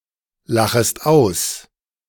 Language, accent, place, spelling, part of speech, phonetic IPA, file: German, Germany, Berlin, lachest aus, verb, [ˌlaxəst ˈaʊ̯s], De-lachest aus.ogg
- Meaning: second-person singular subjunctive I of auslachen